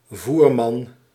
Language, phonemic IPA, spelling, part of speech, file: Dutch, /ˈvurmɑn/, voerman, noun, Nl-voerman.ogg
- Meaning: driver of a horse cart